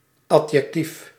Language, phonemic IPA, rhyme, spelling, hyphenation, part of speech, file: Dutch, /ˌɑ.djɛkˈtif/, -if, adjectief, ad‧jec‧tief, noun, Nl-adjectief.ogg
- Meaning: adjective